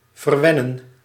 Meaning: to spoil (someone), to be extra nice to
- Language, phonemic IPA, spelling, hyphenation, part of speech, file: Dutch, /vərˈʋɛ.nə(n)/, verwennen, ver‧wen‧nen, verb, Nl-verwennen.ogg